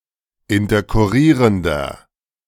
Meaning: inflection of interkurrierend: 1. strong/mixed nominative masculine singular 2. strong genitive/dative feminine singular 3. strong genitive plural
- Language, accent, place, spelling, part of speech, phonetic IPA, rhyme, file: German, Germany, Berlin, interkurrierender, adjective, [ɪntɐkʊˈʁiːʁəndɐ], -iːʁəndɐ, De-interkurrierender.ogg